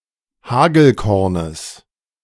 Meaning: genitive singular of Hagelkorn
- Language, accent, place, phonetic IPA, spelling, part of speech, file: German, Germany, Berlin, [ˈhaːɡl̩ˌkɔʁnəs], Hagelkornes, noun, De-Hagelkornes.ogg